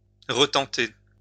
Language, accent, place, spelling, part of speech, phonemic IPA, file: French, France, Lyon, retenter, verb, /ʁə.tɑ̃.te/, LL-Q150 (fra)-retenter.wav
- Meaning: to retry, to try again